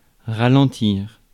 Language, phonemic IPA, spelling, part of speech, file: French, /ʁa.lɑ̃.tiʁ/, ralentir, verb, Fr-ralentir.ogg
- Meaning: 1. to slow down 2. to abate